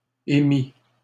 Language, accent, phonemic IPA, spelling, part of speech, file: French, Canada, /e.mi/, émis, verb, LL-Q150 (fra)-émis.wav
- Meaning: 1. past participle of émettre 2. masculine plural of émi 3. first/second-person singular past historic of émettre